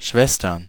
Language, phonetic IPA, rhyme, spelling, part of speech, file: German, [ˈʃvɛstɐn], -ɛstɐn, Schwestern, noun, De-Schwestern.ogg
- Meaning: plural of Schwester